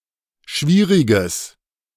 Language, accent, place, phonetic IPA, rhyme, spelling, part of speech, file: German, Germany, Berlin, [ˈʃviːʁɪɡəs], -iːʁɪɡəs, schwieriges, adjective, De-schwieriges.ogg
- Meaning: strong/mixed nominative/accusative neuter singular of schwierig